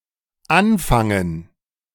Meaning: 1. to begin; to commence 2. to start 3. to begin, to start 4. to start; to keep talking about 5. to begin something; to start something 6. to put (something) to good use, to do
- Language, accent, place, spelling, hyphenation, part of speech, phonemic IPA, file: German, Germany, Berlin, anfangen, an‧fan‧gen, verb, /ˈanˌfaŋən/, De-anfangen.ogg